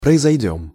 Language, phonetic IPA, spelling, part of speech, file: Russian, [prəɪzɐjˈdʲɵm], произойдём, verb, Ru-произойдём.ogg
- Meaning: first-person plural future indicative perfective of произойти́ (proizojtí)